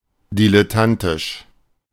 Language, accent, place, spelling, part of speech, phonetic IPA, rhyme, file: German, Germany, Berlin, dilettantisch, adjective, [ˌdilɛˈtantɪʃ], -antɪʃ, De-dilettantisch.ogg
- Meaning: dilettante, amateurish